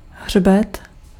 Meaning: 1. back, ridge 2. spine (bound edge of a book)
- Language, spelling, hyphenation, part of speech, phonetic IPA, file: Czech, hřbet, hřbet, noun, [ˈɦr̝bɛt], Cs-hřbet.ogg